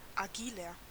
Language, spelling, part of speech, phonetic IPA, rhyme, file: German, agiler, adjective, [aˈɡiːlɐ], -iːlɐ, De-agiler.ogg
- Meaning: 1. comparative degree of agil 2. inflection of agil: strong/mixed nominative masculine singular 3. inflection of agil: strong genitive/dative feminine singular